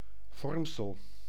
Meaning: confirmation
- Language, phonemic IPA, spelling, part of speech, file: Dutch, /ˈvɔrmsəl/, vormsel, noun, Nl-vormsel.ogg